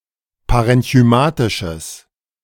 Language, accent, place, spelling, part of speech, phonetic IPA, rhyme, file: German, Germany, Berlin, parenchymatisches, adjective, [paʁɛnçyˈmaːtɪʃəs], -aːtɪʃəs, De-parenchymatisches.ogg
- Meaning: strong/mixed nominative/accusative neuter singular of parenchymatisch